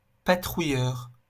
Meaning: 1. patroller; one who patrols 2. patroller; one who patrols: soldier on patrol 3. patrol boat 4. spotter plane
- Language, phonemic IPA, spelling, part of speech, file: French, /pa.tʁu.jœʁ/, patrouilleur, noun, LL-Q150 (fra)-patrouilleur.wav